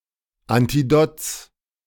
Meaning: genitive singular of Antidot
- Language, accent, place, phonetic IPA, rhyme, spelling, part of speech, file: German, Germany, Berlin, [antiˈdoːt͡s], -oːt͡s, Antidots, noun, De-Antidots.ogg